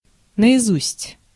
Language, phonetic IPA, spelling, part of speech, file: Russian, [nəɪˈzusʲtʲ], наизусть, adverb, Ru-наизусть.ogg
- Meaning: by heart, by rote